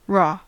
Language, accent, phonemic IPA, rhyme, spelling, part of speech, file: English, US, /ɹɔ/, -ɔː, raw, adjective / adverb / noun / verb, En-us-raw.ogg
- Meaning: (adjective) 1. (of food) Not cooked 2. (of food) Not cooked.: Subsisting on, or pertaining to, a diet of raw food